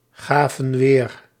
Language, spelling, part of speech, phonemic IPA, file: Dutch, gaven weer, verb, /ˈɣavə(n) ˈwer/, Nl-gaven weer.ogg
- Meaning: inflection of weergeven: 1. plural past indicative 2. plural past subjunctive